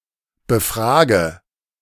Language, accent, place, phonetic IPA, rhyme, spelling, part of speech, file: German, Germany, Berlin, [bəˈfʁaːɡə], -aːɡə, befrage, verb, De-befrage.ogg
- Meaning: inflection of befragen: 1. first-person singular present 2. singular imperative 3. first/third-person singular subjunctive I